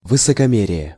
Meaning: haughtiness, arrogance, superciliousness
- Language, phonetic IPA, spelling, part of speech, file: Russian, [vɨsəkɐˈmʲerʲɪje], высокомерие, noun, Ru-высокомерие.ogg